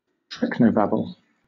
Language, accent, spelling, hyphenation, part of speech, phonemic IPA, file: English, Southern England, treknobabble, trek‧no‧bab‧ble, noun, /ˈtɹɛknəʊˌbæbəl/, LL-Q1860 (eng)-treknobabble.wav
- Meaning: A kind of technobabble particular to the Star Trek universe, with a particularly heavy emphasis on configurations of pseudoscientific particles and waves